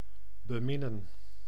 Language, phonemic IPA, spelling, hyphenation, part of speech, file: Dutch, /bəˈmɪnə(n)/, beminnen, be‧min‧nen, verb, Nl-beminnen.ogg
- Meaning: to love